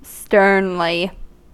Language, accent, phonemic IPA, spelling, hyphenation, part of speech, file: English, US, /ˈstɝnli/, sternly, stern‧ly, adverb, En-us-sternly.ogg
- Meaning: In a stern manner